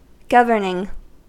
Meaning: present participle and gerund of govern
- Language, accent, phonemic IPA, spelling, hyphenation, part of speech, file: English, US, /ˈɡʌvɚnɪŋ/, governing, gov‧ern‧ing, verb, En-us-governing.ogg